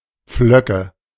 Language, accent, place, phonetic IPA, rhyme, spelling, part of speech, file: German, Germany, Berlin, [ˈp͡flœkə], -œkə, Pflöcke, noun, De-Pflöcke.ogg
- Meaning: nominative/accusative/genitive plural of Pflock